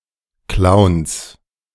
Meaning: plural of Clown
- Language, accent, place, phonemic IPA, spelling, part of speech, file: German, Germany, Berlin, /klaʊ̯ns/, Clowns, noun, De-Clowns.ogg